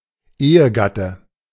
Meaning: spouse
- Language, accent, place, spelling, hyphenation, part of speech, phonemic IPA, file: German, Germany, Berlin, Ehegatte, Ehe‧gat‧te, noun, /ˈeːəɡatə/, De-Ehegatte.ogg